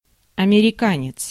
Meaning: male American (citizen, resident)
- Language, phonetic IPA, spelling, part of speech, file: Russian, [ɐmʲɪrʲɪˈkanʲɪt͡s], американец, noun, Ru-американец.ogg